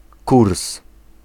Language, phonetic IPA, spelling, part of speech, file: Polish, [kurs], kurs, noun, Pl-kurs.ogg